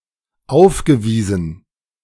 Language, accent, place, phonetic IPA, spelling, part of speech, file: German, Germany, Berlin, [ˈaʊ̯fɡəˌviːzn̩], aufgewiesen, verb, De-aufgewiesen.ogg
- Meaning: past participle of aufweisen